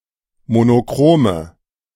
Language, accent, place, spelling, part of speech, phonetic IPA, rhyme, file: German, Germany, Berlin, monochrome, adjective, [monoˈkʁoːmə], -oːmə, De-monochrome.ogg
- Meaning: inflection of monochrom: 1. strong/mixed nominative/accusative feminine singular 2. strong nominative/accusative plural 3. weak nominative all-gender singular